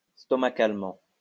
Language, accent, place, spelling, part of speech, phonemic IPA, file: French, France, Lyon, stomacalement, adverb, /stɔ.ma.kal.mɑ̃/, LL-Q150 (fra)-stomacalement.wav
- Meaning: gastrically